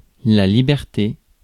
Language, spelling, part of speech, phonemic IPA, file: French, liberté, noun, /li.bɛʁ.te/, Fr-liberté.ogg
- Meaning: liberty, freedom. 1688, Guy Miège, The Great French Dictionary. "Qu'y a-t-il de plus doux dans ce monde que la liberté? What is there sweeter in this world than liberty?"